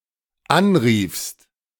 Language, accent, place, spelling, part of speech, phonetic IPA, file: German, Germany, Berlin, anriefst, verb, [ˈanˌʁiːfst], De-anriefst.ogg
- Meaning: second-person singular dependent preterite of anrufen